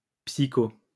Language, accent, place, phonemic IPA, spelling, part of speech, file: French, France, Lyon, /psi.ko/, psycho-, prefix, LL-Q150 (fra)-psycho-.wav
- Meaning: psycho-